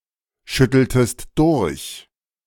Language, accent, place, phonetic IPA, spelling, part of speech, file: German, Germany, Berlin, [ˌʃʏtl̩təst ˈdʊʁç], schütteltest durch, verb, De-schütteltest durch.ogg
- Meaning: inflection of durchschütteln: 1. second-person singular preterite 2. second-person singular subjunctive II